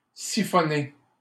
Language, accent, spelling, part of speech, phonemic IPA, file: French, Canada, siphonné, verb / adjective, /si.fɔ.ne/, LL-Q150 (fra)-siphonné.wav
- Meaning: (verb) past participle of siphonner; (adjective) crazy, nuts